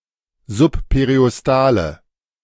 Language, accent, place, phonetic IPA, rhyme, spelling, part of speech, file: German, Germany, Berlin, [zʊppeʁiʔɔsˈtaːlə], -aːlə, subperiostale, adjective, De-subperiostale.ogg
- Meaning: inflection of subperiostal: 1. strong/mixed nominative/accusative feminine singular 2. strong nominative/accusative plural 3. weak nominative all-gender singular